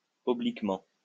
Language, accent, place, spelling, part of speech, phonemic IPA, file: French, France, Lyon, obliquement, adverb, /ɔ.blik.mɑ̃/, LL-Q150 (fra)-obliquement.wav
- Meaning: 1. at an angle; at a tilt 2. obliquely